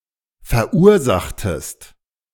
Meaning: inflection of verursachen: 1. second-person singular preterite 2. second-person singular subjunctive II
- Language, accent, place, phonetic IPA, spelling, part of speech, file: German, Germany, Berlin, [fɛɐ̯ˈʔuːɐ̯ˌzaxtəst], verursachtest, verb, De-verursachtest.ogg